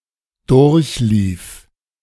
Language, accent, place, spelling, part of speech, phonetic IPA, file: German, Germany, Berlin, durchlief, verb, [ˈdʊʁçˌliːf], De-durchlief.ogg
- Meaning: first/third-person singular preterite of durchlaufen